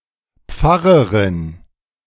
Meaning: female pastor (clergywoman who serves and heads a parish)
- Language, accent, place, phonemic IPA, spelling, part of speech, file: German, Germany, Berlin, /ˈpfaʁəʁɪn/, Pfarrerin, noun, De-Pfarrerin.ogg